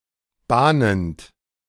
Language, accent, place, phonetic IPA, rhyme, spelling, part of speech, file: German, Germany, Berlin, [ˈbaːnənt], -aːnənt, bahnend, verb, De-bahnend.ogg
- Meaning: present participle of bahnen